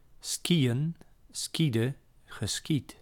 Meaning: to ski (to move on skis)
- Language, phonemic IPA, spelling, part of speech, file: Dutch, /ˈski.jə(n)/, skiën, verb, Nl-skiën.ogg